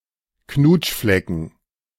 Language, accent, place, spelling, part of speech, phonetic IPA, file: German, Germany, Berlin, Knutschflecken, noun, [ˈknuːtʃflɛkn̩], De-Knutschflecken.ogg
- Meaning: dative plural of Knutschfleck